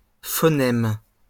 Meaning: phoneme (indivisible unit of sound in a given language)
- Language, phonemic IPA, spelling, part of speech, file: French, /fɔ.nɛm/, phonème, noun, LL-Q150 (fra)-phonème.wav